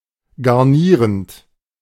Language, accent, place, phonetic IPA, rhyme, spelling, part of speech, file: German, Germany, Berlin, [ɡaʁˈniːʁənt], -iːʁənt, garnierend, verb, De-garnierend.ogg
- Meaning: present participle of garnieren